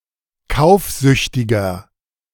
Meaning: 1. comparative degree of kaufsüchtig 2. inflection of kaufsüchtig: strong/mixed nominative masculine singular 3. inflection of kaufsüchtig: strong genitive/dative feminine singular
- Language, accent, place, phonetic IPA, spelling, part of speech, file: German, Germany, Berlin, [ˈkaʊ̯fˌzʏçtɪɡɐ], kaufsüchtiger, adjective, De-kaufsüchtiger.ogg